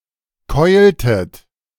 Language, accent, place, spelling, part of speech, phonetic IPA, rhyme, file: German, Germany, Berlin, keultet, verb, [ˈkɔɪ̯ltət], -ɔɪ̯ltət, De-keultet.ogg
- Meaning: inflection of keulen: 1. second-person plural preterite 2. second-person plural subjunctive II